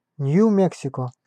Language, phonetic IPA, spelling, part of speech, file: Russian, [ˌnʲju ˈmʲeksʲɪkə], Нью-Мексико, proper noun, Ru-Нью-Мексико.ogg
- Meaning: New Mexico (a state in the southwestern United States)